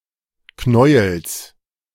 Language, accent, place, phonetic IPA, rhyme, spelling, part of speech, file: German, Germany, Berlin, [ˈknɔɪ̯əls], -ɔɪ̯əls, Knäuels, noun, De-Knäuels.ogg
- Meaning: genitive of Knäuel